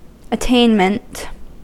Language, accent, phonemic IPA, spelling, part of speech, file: English, US, /əˈteɪnmənt/, attainment, noun, En-us-attainment.ogg
- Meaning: 1. The act of attaining; the act of arriving at or reaching; the act of obtaining by effort or exertion 2. That which is attained, or obtained by exertion